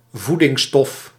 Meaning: nutrient
- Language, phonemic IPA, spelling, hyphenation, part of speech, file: Dutch, /ˈvu.dɪŋˌstɔf/, voedingsstof, voe‧dings‧stof, noun, Nl-voedingsstof.ogg